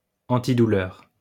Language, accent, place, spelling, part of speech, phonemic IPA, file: French, France, Lyon, antidouleur, noun / adjective, /ɑ̃.ti.du.lœʁ/, LL-Q150 (fra)-antidouleur.wav
- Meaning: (noun) pain killer; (adjective) painkilling